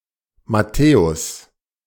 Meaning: 1. Matthew (apostle and evangelist, also short for his gospel) 2. a male given name of rare usage 3. a surname of rare usage, notably borne by Lothar Matthäus
- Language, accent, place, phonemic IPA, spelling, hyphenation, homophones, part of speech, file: German, Germany, Berlin, /maˈtɛːʊs/, Matthäus, Mat‧thä‧us, Matthäus', proper noun, De-Matthäus.ogg